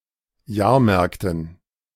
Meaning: dative plural of Jahrmarkt
- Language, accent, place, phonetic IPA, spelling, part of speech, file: German, Germany, Berlin, [ˈjaːɐ̯ˌmɛʁktn̩], Jahrmärkten, noun, De-Jahrmärkten.ogg